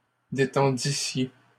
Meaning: second-person plural imperfect subjunctive of détendre
- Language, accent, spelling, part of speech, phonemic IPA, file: French, Canada, détendissiez, verb, /de.tɑ̃.di.sje/, LL-Q150 (fra)-détendissiez.wav